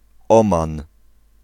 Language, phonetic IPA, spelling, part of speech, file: Polish, [ˈɔ̃mãn], Oman, proper noun, Pl-Oman.ogg